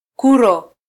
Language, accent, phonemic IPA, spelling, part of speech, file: Swahili, Kenya, /ˈku.ɾɔ/, kuro, noun, Sw-ke-kuro.flac
- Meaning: waterbuck (species of antelope)